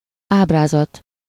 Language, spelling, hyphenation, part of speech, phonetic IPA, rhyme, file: Hungarian, ábrázat, áb‧rá‧zat, noun, [ˈaːbraːzɒt], -ɒt, Hu-ábrázat.ogg
- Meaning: countenance, facial expression